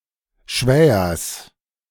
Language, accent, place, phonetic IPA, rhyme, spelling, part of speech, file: German, Germany, Berlin, [ˈʃvɛːɐs], -ɛːɐs, Schwähers, noun, De-Schwähers.ogg
- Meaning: genitive singular of Schwäher